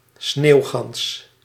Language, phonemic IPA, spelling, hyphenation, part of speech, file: Dutch, /ˈsneːu̯.ɣɑns/, sneeuwgans, sneeuw‧gans, noun, Nl-sneeuwgans.ogg
- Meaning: snow goose (Chen caerulescens) (individually or as a species)